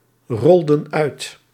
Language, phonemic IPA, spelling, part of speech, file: Dutch, /ˈrɔldə(n) ˈœyt/, rolden uit, verb, Nl-rolden uit.ogg
- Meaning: inflection of uitrollen: 1. plural past indicative 2. plural past subjunctive